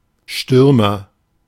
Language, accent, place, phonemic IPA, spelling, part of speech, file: German, Germany, Berlin, /ˈʃtʏrmər/, Stürmer, noun / proper noun, De-Stürmer.ogg
- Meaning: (noun) 1. forward; striker; attacker; rusher 2. stormtrooper (soldier who specialises in assault operations); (proper noun) Der Stürmer (Nazi newspaper)